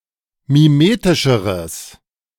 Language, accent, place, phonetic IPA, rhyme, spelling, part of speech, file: German, Germany, Berlin, [miˈmeːtɪʃəʁəs], -eːtɪʃəʁəs, mimetischeres, adjective, De-mimetischeres.ogg
- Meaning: strong/mixed nominative/accusative neuter singular comparative degree of mimetisch